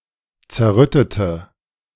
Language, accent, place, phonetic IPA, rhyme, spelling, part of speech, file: German, Germany, Berlin, [t͡sɛɐ̯ˈʁʏtətə], -ʏtətə, zerrüttete, adjective, De-zerrüttete.ogg
- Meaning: inflection of zerrütten: 1. first/third-person singular preterite 2. first/third-person singular subjunctive II